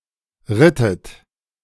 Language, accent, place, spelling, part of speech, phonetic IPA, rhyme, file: German, Germany, Berlin, rittet, verb, [ˈʁɪtət], -ɪtət, De-rittet.ogg
- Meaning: inflection of reiten: 1. second-person plural preterite 2. second-person plural subjunctive II